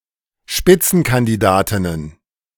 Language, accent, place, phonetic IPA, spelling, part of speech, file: German, Germany, Berlin, [ˈʃpɪt͡sn̩kandiˌdaːtɪnən], Spitzenkandidatinnen, noun, De-Spitzenkandidatinnen.ogg
- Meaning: plural of Spitzenkandidatin